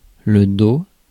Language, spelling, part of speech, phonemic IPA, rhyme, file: French, dos, noun, /do/, -o, Fr-dos.ogg
- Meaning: 1. back (of a person) 2. backstroke 3. spine (of a book)